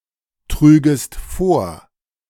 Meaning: second-person singular subjunctive II of vortragen
- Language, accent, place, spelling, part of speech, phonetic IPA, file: German, Germany, Berlin, trügest vor, verb, [ˌtʁyːɡəst ˈfoːɐ̯], De-trügest vor.ogg